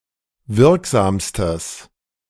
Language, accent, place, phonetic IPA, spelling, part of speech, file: German, Germany, Berlin, [ˈvɪʁkˌzaːmstəs], wirksamstes, adjective, De-wirksamstes.ogg
- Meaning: strong/mixed nominative/accusative neuter singular superlative degree of wirksam